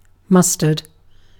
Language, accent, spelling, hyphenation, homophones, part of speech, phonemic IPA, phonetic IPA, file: English, UK, mustard, mus‧tard, mustered, noun / adjective, /ˈmʌstəɹd/, [ˈmʌs.təd], En-uk-mustard.ogg
- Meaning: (noun) A plant of certain species of the genus Brassica, or of related genera (especially Sinapis alba, in the family Brassicaceae, with yellow flowers, and linear seed pods)